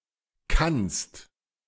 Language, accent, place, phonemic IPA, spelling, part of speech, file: German, Germany, Berlin, /kanst/, kannst, verb, De-kannst.ogg
- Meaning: second-person singular present of können